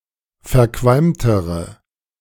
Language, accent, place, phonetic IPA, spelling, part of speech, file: German, Germany, Berlin, [fɛɐ̯ˈkvalmtəʁə], verqualmtere, adjective, De-verqualmtere.ogg
- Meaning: inflection of verqualmt: 1. strong/mixed nominative/accusative feminine singular comparative degree 2. strong nominative/accusative plural comparative degree